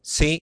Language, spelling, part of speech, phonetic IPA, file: Italian, sì, adverb, [si], It-sì.ogg